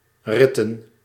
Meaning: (noun) 1. a ritten; a young rat 2. plural of rit; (verb) 1. to run back and forth playing (said of children) 2. to tear one's clothes while running
- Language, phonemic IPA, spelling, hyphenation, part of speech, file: Dutch, /ˈrɪ.tə(n)/, ritten, rit‧ten, noun / verb, Nl-ritten.ogg